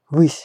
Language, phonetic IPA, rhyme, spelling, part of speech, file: Russian, [vɨsʲ], -ɨsʲ, высь, noun, Ru-высь.ogg
- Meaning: 1. height 2. ether, the realms of fancy, the world of fantasy 3. summit